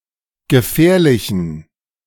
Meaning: inflection of gefährlich: 1. strong genitive masculine/neuter singular 2. weak/mixed genitive/dative all-gender singular 3. strong/weak/mixed accusative masculine singular 4. strong dative plural
- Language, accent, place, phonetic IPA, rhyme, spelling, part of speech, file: German, Germany, Berlin, [ɡəˈfɛːɐ̯lɪçn̩], -ɛːɐ̯lɪçn̩, gefährlichen, adjective, De-gefährlichen.ogg